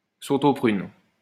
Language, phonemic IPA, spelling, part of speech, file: French, /pʁyn/, prunes, noun, LL-Q150 (fra)-prunes.wav
- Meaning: plural of prune